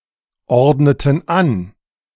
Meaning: inflection of anordnen: 1. first/third-person plural preterite 2. first/third-person plural subjunctive II
- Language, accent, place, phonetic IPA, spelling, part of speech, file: German, Germany, Berlin, [ˌɔʁdnətn̩ ˈan], ordneten an, verb, De-ordneten an.ogg